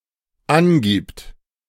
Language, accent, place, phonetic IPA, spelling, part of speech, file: German, Germany, Berlin, [ˈanˌɡiːpt], angibt, verb, De-angibt.ogg
- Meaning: third-person singular dependent present of angeben